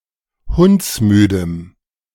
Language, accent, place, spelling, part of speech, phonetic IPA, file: German, Germany, Berlin, hundsmüdem, adjective, [ˈhʊnt͡sˌmyːdəm], De-hundsmüdem.ogg
- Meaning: strong dative masculine/neuter singular of hundsmüde